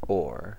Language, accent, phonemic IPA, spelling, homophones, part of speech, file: English, US, /oɹ/, ore, oar / o'er / aw, noun / preposition, En-us-ore.ogg
- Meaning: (noun) Rock or other material that contains valuable or utilitarian materials; primarily a rock containing metals or gems for which it is typically mined and processed